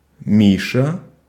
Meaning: a diminutive, Misha, of the male given name Михаи́л (Mixaíl), equivalent to English Mike
- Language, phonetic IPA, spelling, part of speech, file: Russian, [ˈmʲiʂə], Миша, proper noun, Ru-Миша.ogg